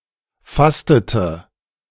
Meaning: inflection of fasten: 1. first/third-person singular preterite 2. first/third-person singular subjunctive II
- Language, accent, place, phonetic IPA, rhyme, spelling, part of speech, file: German, Germany, Berlin, [ˈfastətə], -astətə, fastete, verb, De-fastete.ogg